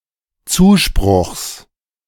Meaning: genitive singular of Zuspruch
- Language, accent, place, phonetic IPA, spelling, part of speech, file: German, Germany, Berlin, [ˈt͡suːˌʃpʁʊxs], Zuspruchs, noun, De-Zuspruchs.ogg